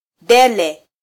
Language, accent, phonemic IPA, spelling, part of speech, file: Swahili, Kenya, /ˈɗɛ.lɛ/, dele, noun, Sw-ke-dele.flac
- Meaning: dallah (a traditional Arabic coffee pot, used to brew and serve gahwa [Arabic coffee])